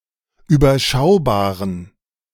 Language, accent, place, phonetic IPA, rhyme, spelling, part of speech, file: German, Germany, Berlin, [yːbɐˈʃaʊ̯baːʁən], -aʊ̯baːʁən, überschaubaren, adjective, De-überschaubaren.ogg
- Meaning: inflection of überschaubar: 1. strong genitive masculine/neuter singular 2. weak/mixed genitive/dative all-gender singular 3. strong/weak/mixed accusative masculine singular 4. strong dative plural